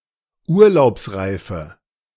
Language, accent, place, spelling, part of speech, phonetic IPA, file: German, Germany, Berlin, urlaubsreife, adjective, [ˈuːɐ̯laʊ̯psˌʁaɪ̯fə], De-urlaubsreife.ogg
- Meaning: inflection of urlaubsreif: 1. strong/mixed nominative/accusative feminine singular 2. strong nominative/accusative plural 3. weak nominative all-gender singular